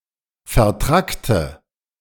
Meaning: inflection of vertrackt: 1. strong/mixed nominative/accusative feminine singular 2. strong nominative/accusative plural 3. weak nominative all-gender singular
- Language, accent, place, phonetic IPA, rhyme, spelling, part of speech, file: German, Germany, Berlin, [fɛɐ̯ˈtʁaktə], -aktə, vertrackte, adjective, De-vertrackte.ogg